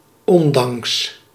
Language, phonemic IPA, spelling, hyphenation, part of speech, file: Dutch, /ˈɔnˌdɑŋks/, ondanks, on‧danks, preposition, Nl-ondanks.ogg
- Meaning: despite, in spite of